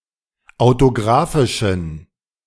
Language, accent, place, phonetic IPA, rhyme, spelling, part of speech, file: German, Germany, Berlin, [aʊ̯toˈɡʁaːfɪʃn̩], -aːfɪʃn̩, autografischen, adjective, De-autografischen.ogg
- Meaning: inflection of autografisch: 1. strong genitive masculine/neuter singular 2. weak/mixed genitive/dative all-gender singular 3. strong/weak/mixed accusative masculine singular 4. strong dative plural